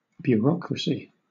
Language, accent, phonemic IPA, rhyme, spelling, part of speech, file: English, Southern England, /bjʊəˈɹɒk.ɹə.si/, -ɒkɹəsi, bureaucracy, noun, LL-Q1860 (eng)-bureaucracy.wav
- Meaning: Government by bureaus or their administrators or officers